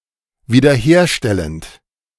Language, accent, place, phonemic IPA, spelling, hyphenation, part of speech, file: German, Germany, Berlin, /viːdɐˈheːɐ̯ˌʃtɛlənt/, wiederherstellend, wie‧der‧her‧stel‧lend, verb / adjective, De-wiederherstellend.ogg
- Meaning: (verb) present participle of wiederherstellen; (adjective) restoring, restorative, reconstructive